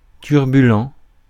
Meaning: 1. turbulent 2. unruly
- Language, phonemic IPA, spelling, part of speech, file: French, /tyʁ.by.lɑ̃/, turbulent, adjective, Fr-turbulent.ogg